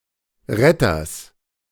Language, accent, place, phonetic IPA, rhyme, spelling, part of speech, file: German, Germany, Berlin, [ˈʁɛtɐs], -ɛtɐs, Retters, noun, De-Retters.ogg
- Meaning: genitive singular of Retter